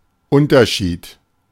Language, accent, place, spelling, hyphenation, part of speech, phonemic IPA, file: German, Germany, Berlin, Unterschied, Un‧ter‧schied, noun, /ˈʔʊntɐˌʃiːt/, De-Unterschied.ogg
- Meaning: difference